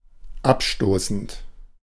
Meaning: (verb) present participle of abstoßen; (adjective) repulsive, repellent, repugnant, off-putting
- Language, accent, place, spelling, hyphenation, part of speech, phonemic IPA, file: German, Germany, Berlin, abstoßend, ab‧sto‧ßend, verb / adjective, /ˈapˌʃtoːsn̩t/, De-abstoßend.ogg